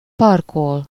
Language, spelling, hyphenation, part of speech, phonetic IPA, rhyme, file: Hungarian, parkol, par‧kol, verb, [ˈpɒrkol], -ol, Hu-parkol.ogg
- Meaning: 1. to park (to bring something such as a vehicle to a halt or store in a specified place) 2. to be parked